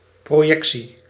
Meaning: 1. a projection, the casting of an image or a shadow; an image thus created 2. a projection (creation of a figure by drawing lines through a fixed reference; a figure created in this way)
- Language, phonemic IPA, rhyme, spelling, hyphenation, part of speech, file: Dutch, /ˌproːˈjɛk.si/, -ɛksi, projectie, pro‧jec‧tie, noun, Nl-projectie.ogg